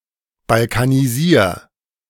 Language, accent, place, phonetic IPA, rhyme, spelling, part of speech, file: German, Germany, Berlin, [balkaniˈziːɐ̯], -iːɐ̯, balkanisier, verb, De-balkanisier.ogg
- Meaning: 1. singular imperative of balkanisieren 2. first-person singular present of balkanisieren